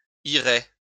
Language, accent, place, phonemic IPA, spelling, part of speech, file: French, France, Lyon, /i.ʁɛ/, irais, verb, LL-Q150 (fra)-irais.wav
- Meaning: first/second-person singular conditional of aller